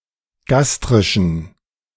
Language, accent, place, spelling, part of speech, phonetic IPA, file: German, Germany, Berlin, gastrischen, adjective, [ˈɡastʁɪʃn̩], De-gastrischen.ogg
- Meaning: inflection of gastrisch: 1. strong genitive masculine/neuter singular 2. weak/mixed genitive/dative all-gender singular 3. strong/weak/mixed accusative masculine singular 4. strong dative plural